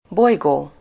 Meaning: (adjective) wandering, roaming, roving; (noun) planet
- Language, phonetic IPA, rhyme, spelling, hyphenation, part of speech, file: Hungarian, [ˈbojɡoː], -ɡoː, bolygó, boly‧gó, adjective / noun, Hu-bolygó.ogg